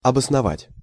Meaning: to substantiate, to justify, to validate (e.g. an argument)
- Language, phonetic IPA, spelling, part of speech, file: Russian, [ɐbəsnɐˈvatʲ], обосновать, verb, Ru-обосновать.ogg